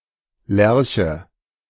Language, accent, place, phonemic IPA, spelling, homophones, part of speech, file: German, Germany, Berlin, /ˈlɛʁçə/, Lerche, Lärche, noun, De-Lerche.ogg
- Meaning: 1. lark (bird of the family Alaudidae) 2. a human who goes to bed early and rises early